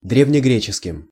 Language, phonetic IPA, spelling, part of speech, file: Russian, [ˌdrʲevnʲɪˈɡrʲet͡ɕɪskʲɪm], древнегреческим, adjective / noun, Ru-древнегреческим.ogg
- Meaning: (adjective) inflection of дрѐвнегре́ческий (drèvnegréčeskij): 1. dative plural 2. instrumental masculine/neuter singular; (noun) instrumental singular of дрѐвнегре́ческий (drèvnegréčeskij)